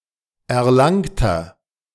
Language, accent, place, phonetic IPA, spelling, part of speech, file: German, Germany, Berlin, [ɛɐ̯ˈlaŋtɐ], erlangter, adjective, De-erlangter.ogg
- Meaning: inflection of erlangt: 1. strong/mixed nominative masculine singular 2. strong genitive/dative feminine singular 3. strong genitive plural